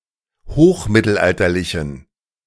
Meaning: inflection of hochmittelalterlich: 1. strong genitive masculine/neuter singular 2. weak/mixed genitive/dative all-gender singular 3. strong/weak/mixed accusative masculine singular
- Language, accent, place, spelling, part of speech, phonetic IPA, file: German, Germany, Berlin, hochmittelalterlichen, adjective, [ˈhoːxˌmɪtl̩ʔaltɐlɪçn̩], De-hochmittelalterlichen.ogg